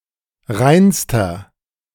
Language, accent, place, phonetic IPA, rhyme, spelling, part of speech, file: German, Germany, Berlin, [ˈʁaɪ̯nstɐ], -aɪ̯nstɐ, reinster, adjective, De-reinster.ogg
- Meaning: inflection of rein: 1. strong/mixed nominative masculine singular superlative degree 2. strong genitive/dative feminine singular superlative degree 3. strong genitive plural superlative degree